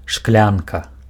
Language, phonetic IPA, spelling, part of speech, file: Belarusian, [ˈʂklʲanka], шклянка, noun, Be-шклянка.ogg
- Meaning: glass (drinking vessel)